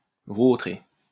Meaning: 1. to wallow (to roll one's body, or a part of it, in the mud or something of similar texture) 2. to sprawl; to wallow 3. to wallow 4. to tumble heavily on the ground 5. to fail
- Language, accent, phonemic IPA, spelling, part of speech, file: French, France, /vo.tʁe/, vautrer, verb, LL-Q150 (fra)-vautrer.wav